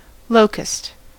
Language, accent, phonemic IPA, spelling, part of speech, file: English, US, /ˈloʊ.kəst/, locust, noun / verb, En-us-locust.ogg